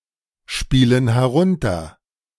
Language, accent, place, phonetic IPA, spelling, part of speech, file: German, Germany, Berlin, [ˌʃpiːlən hɛˈʁʊntɐ], spielen herunter, verb, De-spielen herunter.ogg
- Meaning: inflection of herunterspielen: 1. first/third-person plural present 2. first/third-person plural subjunctive I